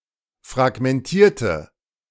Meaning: inflection of fragmentieren: 1. first/third-person singular preterite 2. first/third-person singular subjunctive II
- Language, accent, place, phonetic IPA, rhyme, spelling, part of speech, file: German, Germany, Berlin, [fʁaɡmɛnˈtiːɐ̯tə], -iːɐ̯tə, fragmentierte, adjective / verb, De-fragmentierte.ogg